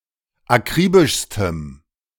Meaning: strong dative masculine/neuter singular superlative degree of akribisch
- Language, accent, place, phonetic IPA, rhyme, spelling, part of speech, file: German, Germany, Berlin, [aˈkʁiːbɪʃstəm], -iːbɪʃstəm, akribischstem, adjective, De-akribischstem.ogg